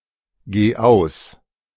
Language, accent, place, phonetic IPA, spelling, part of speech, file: German, Germany, Berlin, [ˌɡeː ˈaʊ̯s], geh aus, verb, De-geh aus.ogg
- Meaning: singular imperative of ausgehen